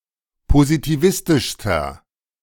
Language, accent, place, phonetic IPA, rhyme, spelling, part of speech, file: German, Germany, Berlin, [pozitiˈvɪstɪʃstɐ], -ɪstɪʃstɐ, positivistischster, adjective, De-positivistischster.ogg
- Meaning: inflection of positivistisch: 1. strong/mixed nominative masculine singular superlative degree 2. strong genitive/dative feminine singular superlative degree